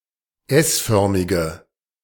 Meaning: inflection of s-förmig: 1. strong/mixed nominative/accusative feminine singular 2. strong nominative/accusative plural 3. weak nominative all-gender singular
- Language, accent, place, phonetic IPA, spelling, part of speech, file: German, Germany, Berlin, [ˈɛsˌfœʁmɪɡə], s-förmige, adjective, De-s-förmige.ogg